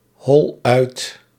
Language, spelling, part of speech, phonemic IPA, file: Dutch, hol uit, verb, /ˈhɔl ˈœyt/, Nl-hol uit.ogg
- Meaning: inflection of uithollen: 1. first-person singular present indicative 2. second-person singular present indicative 3. imperative